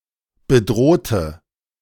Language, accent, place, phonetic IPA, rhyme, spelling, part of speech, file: German, Germany, Berlin, [bəˈdʁoːtə], -oːtə, bedrohte, adjective / verb, De-bedrohte.ogg
- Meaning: inflection of bedroht: 1. strong/mixed nominative/accusative feminine singular 2. strong nominative/accusative plural 3. weak nominative all-gender singular 4. weak accusative feminine/neuter singular